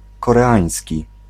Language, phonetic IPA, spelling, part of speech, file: Polish, [ˌkɔrɛˈãj̃sʲci], koreański, adjective / noun, Pl-koreański.ogg